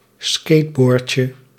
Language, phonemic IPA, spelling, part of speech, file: Dutch, /ˈskedbɔːrcə/, skateboardje, noun, Nl-skateboardje.ogg
- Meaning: diminutive of skateboard